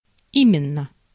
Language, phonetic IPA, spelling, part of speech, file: Russian, [ˈimʲɪn(ː)ə], именно, adverb / interjection, Ru-именно.ogg